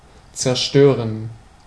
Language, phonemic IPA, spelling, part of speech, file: German, /t͡sɛɐ̯ˈʃtøːʁən/, zerstören, verb, De-zerstören.ogg
- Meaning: 1. to destroy, demolish, devastate, eliminate 2. to dispel